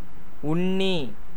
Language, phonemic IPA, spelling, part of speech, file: Tamil, /ʊɳːiː/, உண்ணி, noun, Ta-உண்ணி.ogg
- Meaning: 1. tick (order Ixodida) 2. eater, one who eats